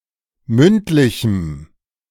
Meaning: strong dative masculine/neuter singular of mündlich
- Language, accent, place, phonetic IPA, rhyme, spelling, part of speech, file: German, Germany, Berlin, [ˈmʏntˌlɪçm̩], -ʏntlɪçm̩, mündlichem, adjective, De-mündlichem.ogg